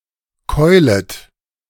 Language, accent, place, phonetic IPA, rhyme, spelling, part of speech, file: German, Germany, Berlin, [ˈkɔɪ̯lət], -ɔɪ̯lət, keulet, verb, De-keulet.ogg
- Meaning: second-person plural subjunctive I of keulen